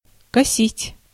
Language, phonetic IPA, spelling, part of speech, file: Russian, [kɐˈsʲitʲ], косить, verb, Ru-косить.ogg
- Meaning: 1. to mow, to cut 2. to mow down, to wipe out, to decimate 3. to twist, to slant (eyes, mouth) 4. to squint, to look asquint 5. to evade, to elude, to dodge 6. to pretend